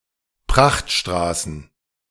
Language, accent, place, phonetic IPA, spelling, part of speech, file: German, Germany, Berlin, [ˈpʁaxtˌʃtʁaːsn̩], Prachtstraßen, noun, De-Prachtstraßen.ogg
- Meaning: plural of Prachtstraße